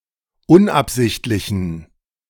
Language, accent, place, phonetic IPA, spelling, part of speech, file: German, Germany, Berlin, [ˈʊnʔapˌzɪçtlɪçn̩], unabsichtlichen, adjective, De-unabsichtlichen.ogg
- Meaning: inflection of unabsichtlich: 1. strong genitive masculine/neuter singular 2. weak/mixed genitive/dative all-gender singular 3. strong/weak/mixed accusative masculine singular 4. strong dative plural